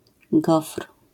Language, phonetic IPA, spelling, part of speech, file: Polish, [ɡɔfr̥], gofr, noun, LL-Q809 (pol)-gofr.wav